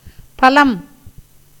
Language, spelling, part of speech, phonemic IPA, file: Tamil, பலம், noun, /pɐlɐm/, Ta-பலம்.ogg
- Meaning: 1. fruit 2. result, consequence